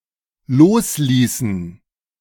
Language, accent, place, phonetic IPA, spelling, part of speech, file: German, Germany, Berlin, [ˈloːsˌliːsn̩], losließen, verb, De-losließen.ogg
- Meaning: inflection of loslassen: 1. first/third-person plural dependent preterite 2. first/third-person plural dependent subjunctive II